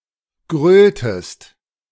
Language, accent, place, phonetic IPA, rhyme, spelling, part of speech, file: German, Germany, Berlin, [ˈɡʁøːltəst], -øːltəst, gröltest, verb, De-gröltest.ogg
- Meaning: inflection of grölen: 1. second-person singular preterite 2. second-person singular subjunctive II